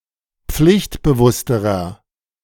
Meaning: inflection of pflichtbewusst: 1. strong/mixed nominative masculine singular comparative degree 2. strong genitive/dative feminine singular comparative degree
- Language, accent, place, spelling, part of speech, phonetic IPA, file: German, Germany, Berlin, pflichtbewussterer, adjective, [ˈp͡flɪçtbəˌvʊstəʁɐ], De-pflichtbewussterer.ogg